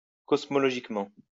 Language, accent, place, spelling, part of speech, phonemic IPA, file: French, France, Lyon, cosmologiquement, adverb, /kɔs.mɔ.lɔ.ʒik.mɑ̃/, LL-Q150 (fra)-cosmologiquement.wav
- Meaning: cosmologically